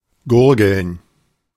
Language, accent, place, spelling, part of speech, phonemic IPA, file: German, Germany, Berlin, gurgeln, verb, /ˈɡʊrɡəln/, De-gurgeln.ogg
- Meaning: 1. to gargle 2. to gurgle